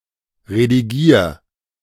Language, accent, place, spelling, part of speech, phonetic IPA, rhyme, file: German, Germany, Berlin, redigier, verb, [ʁediˈɡiːɐ̯], -iːɐ̯, De-redigier.ogg
- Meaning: 1. singular imperative of redigieren 2. first-person singular present of redigieren